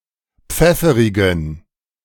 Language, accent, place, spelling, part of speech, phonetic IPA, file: German, Germany, Berlin, pfefferigen, adjective, [ˈp͡fɛfəʁɪɡn̩], De-pfefferigen.ogg
- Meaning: inflection of pfefferig: 1. strong genitive masculine/neuter singular 2. weak/mixed genitive/dative all-gender singular 3. strong/weak/mixed accusative masculine singular 4. strong dative plural